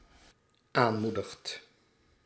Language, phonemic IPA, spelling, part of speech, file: Dutch, /ˈanmudəxt/, aanmoedigt, verb, Nl-aanmoedigt.ogg
- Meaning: second/third-person singular dependent-clause present indicative of aanmoedigen